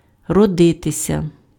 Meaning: 1. to be born 2. to arise
- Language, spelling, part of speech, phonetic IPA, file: Ukrainian, родитися, verb, [rɔˈdɪtesʲɐ], Uk-родитися.ogg